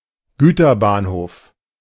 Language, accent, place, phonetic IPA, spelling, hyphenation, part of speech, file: German, Germany, Berlin, [ˈɡyːtɐˌbaːnhoːf], Güterbahnhof, Gü‧ter‧bahn‧hof, noun, De-Güterbahnhof.ogg
- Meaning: goods station, freight station